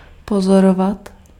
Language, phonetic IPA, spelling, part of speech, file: Czech, [ˈpozorovat], pozorovat, verb, Cs-pozorovat.ogg
- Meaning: 1. to observe, to watch 2. to watch out (for)